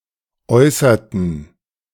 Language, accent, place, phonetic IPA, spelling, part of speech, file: German, Germany, Berlin, [ˈɔɪ̯sɐtn̩], äußerten, verb, De-äußerten.ogg
- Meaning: inflection of äußern: 1. first/third-person plural preterite 2. first/third-person plural subjunctive II